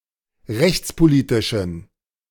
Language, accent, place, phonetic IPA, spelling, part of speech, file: German, Germany, Berlin, [ˈʁɛçt͡spoˌliːtɪʃn̩], rechtspolitischen, adjective, De-rechtspolitischen.ogg
- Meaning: inflection of rechtspolitisch: 1. strong genitive masculine/neuter singular 2. weak/mixed genitive/dative all-gender singular 3. strong/weak/mixed accusative masculine singular 4. strong dative plural